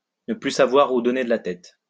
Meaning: not know whether one is coming or going, not know which way to turn
- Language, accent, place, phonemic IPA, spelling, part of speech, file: French, France, Lyon, /nə ply sa.vwa.ʁ‿u dɔ.ne d(ə) la tɛt/, ne plus savoir où donner de la tête, verb, LL-Q150 (fra)-ne plus savoir où donner de la tête.wav